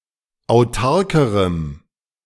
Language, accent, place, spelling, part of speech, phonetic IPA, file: German, Germany, Berlin, autarkerem, adjective, [aʊ̯ˈtaʁkəʁəm], De-autarkerem.ogg
- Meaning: strong dative masculine/neuter singular comparative degree of autark